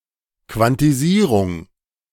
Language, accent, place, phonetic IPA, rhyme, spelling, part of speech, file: German, Germany, Berlin, [ˌkvantiˈziːʁʊŋ], -iːʁʊŋ, Quantisierung, noun, De-Quantisierung.ogg
- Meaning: quantization